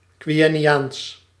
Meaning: Quenya (constructed language)
- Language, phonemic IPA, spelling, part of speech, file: Dutch, /kʋɛnˈjaːns/, Quenyaans, proper noun, Nl-Quenyaans.ogg